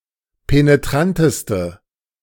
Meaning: inflection of penetrant: 1. strong/mixed nominative/accusative feminine singular superlative degree 2. strong nominative/accusative plural superlative degree
- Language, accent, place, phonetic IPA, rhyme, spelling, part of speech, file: German, Germany, Berlin, [peneˈtʁantəstə], -antəstə, penetranteste, adjective, De-penetranteste.ogg